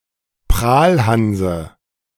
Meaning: dative of Prahlhans
- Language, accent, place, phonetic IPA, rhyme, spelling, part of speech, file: German, Germany, Berlin, [ˈpʁaːlˌhanzə], -aːlhanzə, Prahlhanse, noun, De-Prahlhanse.ogg